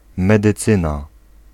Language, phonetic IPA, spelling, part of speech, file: Polish, [ˌmɛdɨˈt͡sɨ̃na], medycyna, noun, Pl-medycyna.ogg